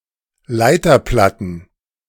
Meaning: plural of Leiterplatte
- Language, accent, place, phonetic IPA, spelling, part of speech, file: German, Germany, Berlin, [ˈlaɪ̯tɐˌplatn̩], Leiterplatten, noun, De-Leiterplatten.ogg